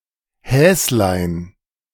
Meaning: diminutive of Hase
- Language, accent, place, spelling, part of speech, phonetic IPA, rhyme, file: German, Germany, Berlin, Häslein, noun, [ˈhɛːslaɪ̯n], -ɛːslaɪ̯n, De-Häslein.ogg